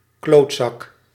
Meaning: 1. a ball sack; a bawbag; a scrotum 2. a bawbag (common term of abuse for a man; a bastard or arsehole, q.v.)
- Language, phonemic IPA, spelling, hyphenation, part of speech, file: Dutch, /ˈkloːt.zɑk/, klootzak, kloot‧zak, noun, Nl-klootzak.ogg